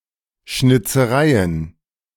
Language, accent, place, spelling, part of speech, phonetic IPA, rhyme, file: German, Germany, Berlin, Schnitzereien, noun, [ˌʃnɪt͡səˈʁaɪ̯ən], -aɪ̯ən, De-Schnitzereien.ogg
- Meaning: plural of Schnitzerei